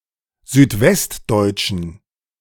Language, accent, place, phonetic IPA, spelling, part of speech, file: German, Germany, Berlin, [zyːtˈvɛstˌdɔɪ̯t͡ʃn̩], südwestdeutschen, adjective, De-südwestdeutschen.ogg
- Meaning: inflection of südwestdeutsch: 1. strong genitive masculine/neuter singular 2. weak/mixed genitive/dative all-gender singular 3. strong/weak/mixed accusative masculine singular 4. strong dative plural